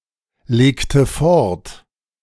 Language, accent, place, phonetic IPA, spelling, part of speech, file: German, Germany, Berlin, [ˌleːktə ˈfɔʁt], legte fort, verb, De-legte fort.ogg
- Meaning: inflection of fortlegen: 1. first/third-person singular preterite 2. first/third-person singular subjunctive II